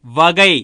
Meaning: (noun) 1. division, branch, section 2. type, kind, class, sort, category 3. manner, way, method 4. portion, part 5. addend; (verb) 1. to arrange a subject 2. to divide; cut 3. to consider, weigh
- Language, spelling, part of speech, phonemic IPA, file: Tamil, வகை, noun / verb, /ʋɐɡɐɪ̯/, வகை- Pronunciation in Tamil.ogg